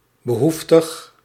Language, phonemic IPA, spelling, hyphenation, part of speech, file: Dutch, /bəˈɦuf.təx/, behoeftig, be‧hoef‧tig, adjective, Nl-behoeftig.ogg
- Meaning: 1. needy, poor 2. necessary, needed